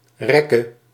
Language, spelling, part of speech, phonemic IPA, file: Dutch, rekke, noun / verb, /ˈrɛkə/, Nl-rekke.ogg
- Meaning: singular present subjunctive of rekken